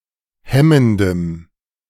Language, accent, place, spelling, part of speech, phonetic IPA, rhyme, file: German, Germany, Berlin, hemmendem, adjective, [ˈhɛməndəm], -ɛməndəm, De-hemmendem.ogg
- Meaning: strong dative masculine/neuter singular of hemmend